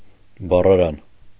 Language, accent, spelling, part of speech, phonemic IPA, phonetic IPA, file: Armenian, Eastern Armenian, բառարան, noun, /bɑrɑˈɾɑn/, [bɑrɑɾɑ́n], Hy-բառարան.ogg
- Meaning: dictionary